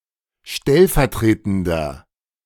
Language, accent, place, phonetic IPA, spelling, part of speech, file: German, Germany, Berlin, [ˈʃtɛlfɛɐ̯ˌtʁeːtn̩dɐ], stellvertretender, adjective, De-stellvertretender.ogg
- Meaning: inflection of stellvertretend: 1. strong/mixed nominative masculine singular 2. strong genitive/dative feminine singular 3. strong genitive plural